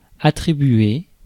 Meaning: 1. to grant, to award 2. to give credit to, to recognize 3. to attribute to, to ascribe to 4. to take the credit for, to give oneself priority over others
- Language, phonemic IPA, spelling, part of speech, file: French, /a.tʁi.bɥe/, attribuer, verb, Fr-attribuer.ogg